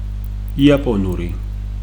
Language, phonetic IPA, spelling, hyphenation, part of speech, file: Georgian, [iäpʼo̞nuɾi], იაპონური, ია‧პო‧ნუ‧რი, adjective, Ka-იაპონური.ogg
- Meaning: Japanese